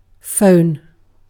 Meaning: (noun) A device for transmitting conversations and other sounds in real time across distances, now often a small portable unit also capable of running software etc
- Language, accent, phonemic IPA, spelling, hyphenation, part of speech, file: English, UK, /ˈfəʊ̯n/, phone, phone, noun / verb, En-uk-phone.ogg